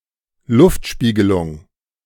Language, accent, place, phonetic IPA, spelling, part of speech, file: German, Germany, Berlin, [ˈlʊftˌʃpiːɡəlʊŋ], Luftspiegelung, noun, De-Luftspiegelung.ogg
- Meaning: mirage